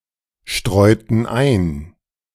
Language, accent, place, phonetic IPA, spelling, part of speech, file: German, Germany, Berlin, [ˌʃtʁɔɪ̯tn̩ ˈaɪ̯n], streuten ein, verb, De-streuten ein.ogg
- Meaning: inflection of einstreuen: 1. first/third-person plural preterite 2. first/third-person plural subjunctive II